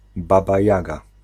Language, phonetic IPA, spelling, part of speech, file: Polish, [ˈbaba ˈjaɡa], Baba Jaga, proper noun, Pl-Baba Jaga.ogg